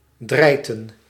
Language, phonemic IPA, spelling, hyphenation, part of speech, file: Dutch, /ˈdrɛi̯tə(n)/, drijten, drij‧ten, verb, Nl-drijten.ogg
- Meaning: to defecate